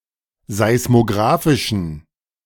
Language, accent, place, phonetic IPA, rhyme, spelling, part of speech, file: German, Germany, Berlin, [zaɪ̯smoˈɡʁaːfɪʃn̩], -aːfɪʃn̩, seismografischen, adjective, De-seismografischen.ogg
- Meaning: inflection of seismografisch: 1. strong genitive masculine/neuter singular 2. weak/mixed genitive/dative all-gender singular 3. strong/weak/mixed accusative masculine singular 4. strong dative plural